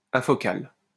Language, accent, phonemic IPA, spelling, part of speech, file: French, France, /a.fɔ.kal/, afocal, adjective, LL-Q150 (fra)-afocal.wav
- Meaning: afocal